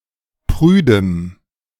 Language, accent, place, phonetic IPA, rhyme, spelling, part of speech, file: German, Germany, Berlin, [ˈpʁyːdəm], -yːdəm, prüdem, adjective, De-prüdem.ogg
- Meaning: strong dative masculine/neuter singular of prüde